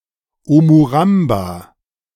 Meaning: omuramba
- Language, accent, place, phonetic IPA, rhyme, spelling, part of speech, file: German, Germany, Berlin, [ˌomuˈʁamba], -amba, Omuramba, noun, De-Omuramba.ogg